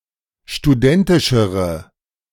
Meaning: inflection of studentisch: 1. strong/mixed nominative/accusative feminine singular comparative degree 2. strong nominative/accusative plural comparative degree
- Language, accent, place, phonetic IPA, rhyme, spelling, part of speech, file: German, Germany, Berlin, [ʃtuˈdɛntɪʃəʁə], -ɛntɪʃəʁə, studentischere, adjective, De-studentischere.ogg